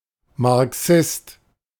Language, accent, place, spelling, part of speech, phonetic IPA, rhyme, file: German, Germany, Berlin, Marxist, noun, [maʁˈksɪst], -ɪst, De-Marxist.ogg
- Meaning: Marxist